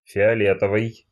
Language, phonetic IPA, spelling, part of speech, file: Russian, [fʲɪɐˈlʲetəvɨj], фиолетовый, adjective, Ru-фиолетовый.ogg
- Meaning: 1. purple (color) 2. violet (color)